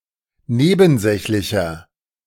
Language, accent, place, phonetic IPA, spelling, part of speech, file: German, Germany, Berlin, [ˈneːbn̩ˌzɛçlɪçɐ], nebensächlicher, adjective, De-nebensächlicher.ogg
- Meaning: 1. comparative degree of nebensächlich 2. inflection of nebensächlich: strong/mixed nominative masculine singular 3. inflection of nebensächlich: strong genitive/dative feminine singular